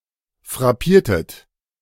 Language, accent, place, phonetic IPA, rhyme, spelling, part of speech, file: German, Germany, Berlin, [fʁaˈpiːɐ̯tət], -iːɐ̯tət, frappiertet, verb, De-frappiertet.ogg
- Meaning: inflection of frappieren: 1. second-person plural preterite 2. second-person plural subjunctive II